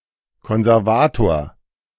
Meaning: conservator
- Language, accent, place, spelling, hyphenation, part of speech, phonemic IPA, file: German, Germany, Berlin, Konservator, Kon‧ser‧va‧tor, noun, /kɔnzɛʁˈvaːtoːɐ̯/, De-Konservator.ogg